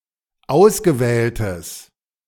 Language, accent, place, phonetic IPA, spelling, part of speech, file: German, Germany, Berlin, [ˈaʊ̯sɡəˌvɛːltəs], ausgewähltes, adjective, De-ausgewähltes.ogg
- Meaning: strong/mixed nominative/accusative neuter singular of ausgewählt